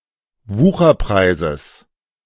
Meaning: genitive of Wucherpreis
- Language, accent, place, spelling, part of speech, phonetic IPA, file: German, Germany, Berlin, Wucherpreises, noun, [ˈvuːxɐˌpʁaɪ̯zəs], De-Wucherpreises.ogg